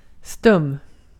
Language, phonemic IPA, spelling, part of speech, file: Swedish, /stɵm/, stum, adjective, Sv-stum.ogg
- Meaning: 1. mute (unable to speak) 2. rigid (not flexing or stretching)